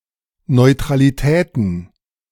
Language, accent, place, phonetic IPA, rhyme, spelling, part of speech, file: German, Germany, Berlin, [nɔɪ̯tʁaliˈtɛːtn̩], -ɛːtn̩, Neutralitäten, noun, De-Neutralitäten.ogg
- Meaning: plural of Neutralität